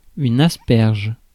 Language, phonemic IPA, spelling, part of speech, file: French, /as.pɛʁʒ/, asperge, noun, Fr-asperge.ogg
- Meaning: asparagus (any of various perennial plants of the genus Asparagus having leaflike stems, scalelike leaves, and small flowers)